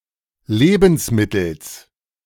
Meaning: genitive singular of Lebensmittel
- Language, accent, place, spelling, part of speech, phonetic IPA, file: German, Germany, Berlin, Lebensmittels, noun, [ˈleːbn̩sˌmɪtl̩s], De-Lebensmittels.ogg